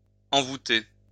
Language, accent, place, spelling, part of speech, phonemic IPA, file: French, France, Lyon, envouter, verb, /ɑ̃.vu.te/, LL-Q150 (fra)-envouter.wav
- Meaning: post-1990 spelling of envoûter